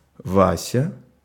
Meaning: a diminutive, Vasya, of the male given name Васи́лий (Vasílij)
- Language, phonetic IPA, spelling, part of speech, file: Russian, [ˈvasʲə], Вася, proper noun, Ru-Вася.ogg